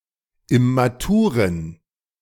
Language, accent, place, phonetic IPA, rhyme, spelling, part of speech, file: German, Germany, Berlin, [ɪmaˈtuːʁən], -uːʁən, immaturen, adjective, De-immaturen.ogg
- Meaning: inflection of immatur: 1. strong genitive masculine/neuter singular 2. weak/mixed genitive/dative all-gender singular 3. strong/weak/mixed accusative masculine singular 4. strong dative plural